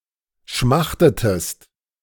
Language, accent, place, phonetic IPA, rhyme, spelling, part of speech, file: German, Germany, Berlin, [ˈʃmaxtətəst], -axtətəst, schmachtetest, verb, De-schmachtetest.ogg
- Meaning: inflection of schmachten: 1. second-person singular preterite 2. second-person singular subjunctive II